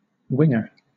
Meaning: 1. One of the casks stowed in the wings of a vessel's hold, being smaller than such as are stowed more amidships 2. An offensive player who plays on either side of the center
- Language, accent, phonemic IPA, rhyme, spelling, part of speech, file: English, Southern England, /ˈwɪŋ.ə(ɹ)/, -ɪŋə(ɹ), winger, noun, LL-Q1860 (eng)-winger.wav